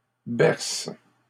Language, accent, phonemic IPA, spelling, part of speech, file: French, Canada, /bɛʁs/, berces, verb, LL-Q150 (fra)-berces.wav
- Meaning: second-person singular present indicative/subjunctive of bercer